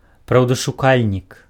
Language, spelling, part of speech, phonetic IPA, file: Belarusian, праўдашукальнік, noun, [prau̯daʂuˈkalʲnʲik], Be-праўдашукальнік.ogg
- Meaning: truthseeker